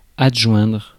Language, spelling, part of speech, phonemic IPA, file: French, adjoindre, verb, /ad.ʒwɛ̃dʁ/, Fr-adjoindre.ogg
- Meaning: 1. to adjoin 2. to join up